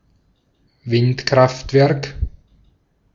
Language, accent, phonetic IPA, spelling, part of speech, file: German, Austria, [ˈvɪntˌkʁaftvɛʁk], Windkraftwerk, noun, De-at-Windkraftwerk.ogg
- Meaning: wind power station